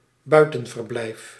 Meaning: 1. a country house 2. an animal enclosure that either is completely outdoors or has an outdoor section
- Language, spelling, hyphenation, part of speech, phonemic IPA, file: Dutch, buitenverblijf, bui‧ten‧ver‧blijf, noun, /ˈbœy̯.tə(n).vərˌblɛi̯f/, Nl-buitenverblijf.ogg